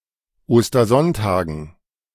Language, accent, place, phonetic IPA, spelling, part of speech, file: German, Germany, Berlin, [ˌoːstɐˈzɔntaːɡn̩], Ostersonntagen, noun, De-Ostersonntagen.ogg
- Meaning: dative plural of Ostersonntag